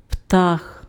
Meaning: bird
- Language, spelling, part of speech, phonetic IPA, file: Ukrainian, птах, noun, [ptax], Uk-птах.ogg